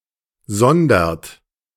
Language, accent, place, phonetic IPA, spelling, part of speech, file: German, Germany, Berlin, [ˈzɔndɐt], sondert, verb, De-sondert.ogg
- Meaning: inflection of sondern: 1. second-person plural present 2. third-person singular present 3. plural imperative